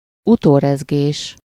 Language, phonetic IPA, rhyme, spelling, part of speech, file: Hungarian, [ˈutoːrɛzɡeːʃ], -eːʃ, utórezgés, noun, Hu-utórezgés.ogg
- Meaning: 1. aftershock (an earthquake that follows in the same vicinity as another, usually larger, earthquake) 2. aftershock (any result or consequence following a major event)